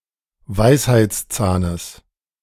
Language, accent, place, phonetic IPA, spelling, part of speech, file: German, Germany, Berlin, [ˈvaɪ̯shaɪ̯t͡sˌt͡saːnəs], Weisheitszahnes, noun, De-Weisheitszahnes.ogg
- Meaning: genitive singular of Weisheitszahn